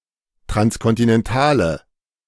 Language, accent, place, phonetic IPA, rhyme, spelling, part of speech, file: German, Germany, Berlin, [tʁanskɔntɪnɛnˈtaːlə], -aːlə, transkontinentale, adjective, De-transkontinentale.ogg
- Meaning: inflection of transkontinental: 1. strong/mixed nominative/accusative feminine singular 2. strong nominative/accusative plural 3. weak nominative all-gender singular